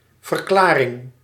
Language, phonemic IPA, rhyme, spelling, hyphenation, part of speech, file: Dutch, /vərˈklaː.rɪŋ/, -aːrɪŋ, verklaring, ver‧kla‧ring, noun, Nl-verklaring.ogg
- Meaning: 1. declaration, statement 2. explanation